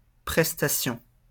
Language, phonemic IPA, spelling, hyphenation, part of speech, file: French, /pʁɛs.ta.sjɔ̃/, prestation, pres‧ta‧tion, noun, LL-Q150 (fra)-prestation.wav
- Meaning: 1. financial payment, benefit 2. service 3. loan 4. cover 5. performance